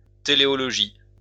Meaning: teleology
- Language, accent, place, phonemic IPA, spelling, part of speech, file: French, France, Lyon, /te.le.ɔ.lɔ.ʒi/, téléologie, noun, LL-Q150 (fra)-téléologie.wav